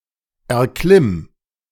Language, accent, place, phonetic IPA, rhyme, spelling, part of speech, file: German, Germany, Berlin, [ɛɐ̯ˈklɪm], -ɪm, erklimm, verb, De-erklimm.ogg
- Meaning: singular imperative of erklimmen